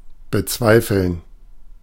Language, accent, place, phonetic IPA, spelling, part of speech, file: German, Germany, Berlin, [bəˈt͡svaɪ̯fl̩n], bezweifeln, verb, De-bezweifeln.ogg
- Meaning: to doubt, to question (Used with either a noun or dass.)